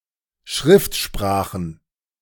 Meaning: plural of Schriftsprache
- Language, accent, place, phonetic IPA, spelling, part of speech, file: German, Germany, Berlin, [ˈʃʁɪftˌʃpʁaːxn̩], Schriftsprachen, noun, De-Schriftsprachen.ogg